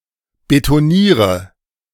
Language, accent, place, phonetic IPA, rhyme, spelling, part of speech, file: German, Germany, Berlin, [betoˈniːʁə], -iːʁə, betoniere, verb, De-betoniere.ogg
- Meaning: inflection of betonieren: 1. first-person singular present 2. first/third-person singular subjunctive I 3. singular imperative